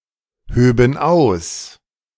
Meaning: first/third-person plural subjunctive II of ausheben
- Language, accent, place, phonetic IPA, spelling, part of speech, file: German, Germany, Berlin, [ˌhøːbn̩ ˈaʊ̯s], höben aus, verb, De-höben aus.ogg